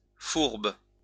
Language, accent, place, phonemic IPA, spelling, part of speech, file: French, France, Lyon, /fuʁb/, fourbe, noun / adjective, LL-Q150 (fra)-fourbe.wav
- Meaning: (noun) 1. guile, deception 2. double-dealer, swindler; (adjective) deceitful, two-faced, treacherous